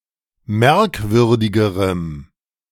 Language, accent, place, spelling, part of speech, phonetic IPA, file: German, Germany, Berlin, merkwürdigerem, adjective, [ˈmɛʁkˌvʏʁdɪɡəʁəm], De-merkwürdigerem.ogg
- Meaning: strong dative masculine/neuter singular comparative degree of merkwürdig